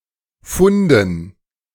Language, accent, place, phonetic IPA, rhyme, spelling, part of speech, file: German, Germany, Berlin, [ˈfʊndn̩], -ʊndn̩, Funden, noun, De-Funden.ogg
- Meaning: dative plural of Fund